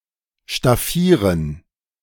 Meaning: 1. to outfit, equip 2. to decorate 3. to sew two different fabrics together
- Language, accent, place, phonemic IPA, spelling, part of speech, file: German, Germany, Berlin, /ʃtaˈfiːʁən/, staffieren, verb, De-staffieren.ogg